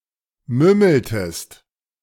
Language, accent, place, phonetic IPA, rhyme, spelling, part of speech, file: German, Germany, Berlin, [ˈmʏml̩təst], -ʏml̩təst, mümmeltest, verb, De-mümmeltest.ogg
- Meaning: inflection of mümmeln: 1. second-person singular preterite 2. second-person singular subjunctive II